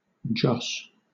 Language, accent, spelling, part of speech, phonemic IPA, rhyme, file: English, Southern England, joss, noun, /dʒɒs/, -ɒs, LL-Q1860 (eng)-joss.wav
- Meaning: 1. A Chinese household divinity; a Chinese idol 2. A heathen divinity 3. Luck